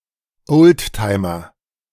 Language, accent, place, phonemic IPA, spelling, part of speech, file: German, Germany, Berlin, /ˈʔoːltˌtaɪ̯mɐ/, Oldtimer, noun, De-Oldtimer.ogg
- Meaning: vintage car; antique aircraft